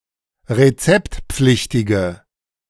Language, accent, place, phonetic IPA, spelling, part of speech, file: German, Germany, Berlin, [ʁeˈt͡sɛptˌp͡flɪçtɪɡə], rezeptpflichtige, adjective, De-rezeptpflichtige.ogg
- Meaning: inflection of rezeptpflichtig: 1. strong/mixed nominative/accusative feminine singular 2. strong nominative/accusative plural 3. weak nominative all-gender singular